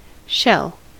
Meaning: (noun) A hard external covering of an animal.: 1. The calcareous or chitinous external covering of mollusks, crustaceans, and some other invertebrates 2. Any mollusk having such a covering
- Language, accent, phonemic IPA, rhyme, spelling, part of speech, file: English, US, /ʃɛl/, -ɛl, shell, noun / verb, En-us-shell.ogg